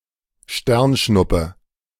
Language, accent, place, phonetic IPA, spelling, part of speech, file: German, Germany, Berlin, [ˈʃtɛʁnˌʃnʊpə], Sternschnuppe, noun, De-Sternschnuppe.ogg
- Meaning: shooting star, falling star